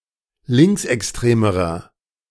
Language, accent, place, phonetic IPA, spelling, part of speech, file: German, Germany, Berlin, [ˈlɪŋksʔɛksˌtʁeːməʁɐ], linksextremerer, adjective, De-linksextremerer.ogg
- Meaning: inflection of linksextrem: 1. strong/mixed nominative masculine singular comparative degree 2. strong genitive/dative feminine singular comparative degree 3. strong genitive plural comparative degree